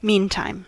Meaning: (noun) The time spent waiting for another event; time in between; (adverb) During the interval; meanwhile
- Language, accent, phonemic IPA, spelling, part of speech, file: English, US, /ˈmiːntaɪm/, meantime, noun / adverb, En-us-meantime.ogg